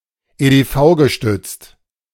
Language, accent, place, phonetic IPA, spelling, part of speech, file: German, Germany, Berlin, [eːdeːˈfaʊ̯ɡəˌʃtʏt͡st], EDV-gestützt, adjective, De-EDV-gestützt.ogg
- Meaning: computerised